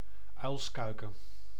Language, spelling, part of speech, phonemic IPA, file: Dutch, uilskuiken, noun, /ˈœy̯lsˌkœy̯.kə(n)/, Nl-uilskuiken.ogg
- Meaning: 1. owlet, owl chick 2. nincompoop, birdbrain